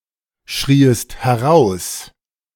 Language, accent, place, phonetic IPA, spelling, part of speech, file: German, Germany, Berlin, [ˌʃʁiːəst hɛˈʁaʊ̯s], schrieest heraus, verb, De-schrieest heraus.ogg
- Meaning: second-person singular subjunctive II of herausschreien